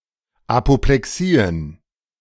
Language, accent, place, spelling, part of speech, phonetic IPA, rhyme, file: German, Germany, Berlin, Apoplexien, noun, [apoplɛˈksiːən], -iːən, De-Apoplexien.ogg
- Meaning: plural of Apoplexie